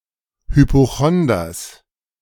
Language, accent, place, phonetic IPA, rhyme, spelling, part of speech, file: German, Germany, Berlin, [hypoˈxɔndɐs], -ɔndɐs, Hypochonders, noun, De-Hypochonders.ogg
- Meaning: genitive singular of Hypochonder